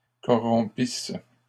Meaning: second-person singular imperfect subjunctive of corrompre
- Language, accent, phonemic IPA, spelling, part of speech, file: French, Canada, /kɔ.ʁɔ̃.pis/, corrompisses, verb, LL-Q150 (fra)-corrompisses.wav